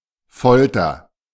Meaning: torture
- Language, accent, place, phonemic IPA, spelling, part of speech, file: German, Germany, Berlin, /ˈfɔltɐ/, Folter, noun, De-Folter.ogg